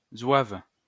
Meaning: 1. Zouave 2. an eccentric person
- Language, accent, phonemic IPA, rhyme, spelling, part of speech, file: French, France, /zwav/, -av, zouave, noun, LL-Q150 (fra)-zouave.wav